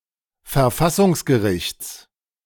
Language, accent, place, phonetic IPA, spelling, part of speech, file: German, Germany, Berlin, [fɛɐ̯ˈfasʊŋsɡəˌʁɪçt͡s], Verfassungsgerichts, noun, De-Verfassungsgerichts.ogg
- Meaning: genitive singular of Verfassungsgericht